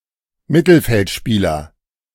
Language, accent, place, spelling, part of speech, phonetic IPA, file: German, Germany, Berlin, Mittelfeldspieler, noun, [ˈmɪtl̩fɛltˌʃpiːlɐ], De-Mittelfeldspieler.ogg
- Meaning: midfielder